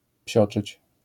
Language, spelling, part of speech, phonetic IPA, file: Polish, psioczyć, verb, [ˈpʲɕɔt͡ʃɨt͡ɕ], LL-Q809 (pol)-psioczyć.wav